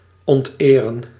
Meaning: 1. to dishonor 2. to rape, to violate sexually
- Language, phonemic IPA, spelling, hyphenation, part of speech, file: Dutch, /ɔntˈeːrə(n)/, onteren, ont‧eren, verb, Nl-onteren.ogg